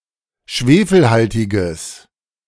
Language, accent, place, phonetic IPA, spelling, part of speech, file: German, Germany, Berlin, [ˈʃveːfl̩ˌhaltɪɡəs], schwefelhaltiges, adjective, De-schwefelhaltiges.ogg
- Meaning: strong/mixed nominative/accusative neuter singular of schwefelhaltig